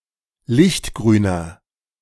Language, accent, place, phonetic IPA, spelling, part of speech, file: German, Germany, Berlin, [ˈlɪçtˌɡʁyːnɐ], lichtgrüner, adjective, De-lichtgrüner.ogg
- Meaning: inflection of lichtgrün: 1. strong/mixed nominative masculine singular 2. strong genitive/dative feminine singular 3. strong genitive plural